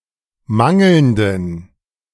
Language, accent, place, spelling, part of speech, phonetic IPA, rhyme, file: German, Germany, Berlin, mangelnden, adjective, [ˈmaŋl̩ndn̩], -aŋl̩ndn̩, De-mangelnden.ogg
- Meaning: inflection of mangelnd: 1. strong genitive masculine/neuter singular 2. weak/mixed genitive/dative all-gender singular 3. strong/weak/mixed accusative masculine singular 4. strong dative plural